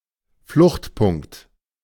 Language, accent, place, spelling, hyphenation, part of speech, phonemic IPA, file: German, Germany, Berlin, Fluchtpunkt, Flucht‧punkt, noun, /ˈflʊxtˌpʊŋ(k)t/, De-Fluchtpunkt.ogg
- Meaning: vanishing point